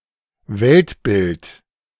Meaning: worldview
- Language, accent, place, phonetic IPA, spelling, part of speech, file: German, Germany, Berlin, [ˈvɛltʰbɪltʰ], Weltbild, noun, De-Weltbild.ogg